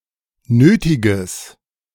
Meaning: strong/mixed nominative/accusative neuter singular of nötig
- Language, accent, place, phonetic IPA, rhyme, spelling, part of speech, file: German, Germany, Berlin, [ˈnøːtɪɡəs], -øːtɪɡəs, nötiges, adjective, De-nötiges.ogg